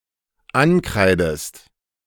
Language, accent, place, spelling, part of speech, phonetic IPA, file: German, Germany, Berlin, ankreidest, verb, [ˈanˌkʁaɪ̯dəst], De-ankreidest.ogg
- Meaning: inflection of ankreiden: 1. second-person singular dependent present 2. second-person singular dependent subjunctive I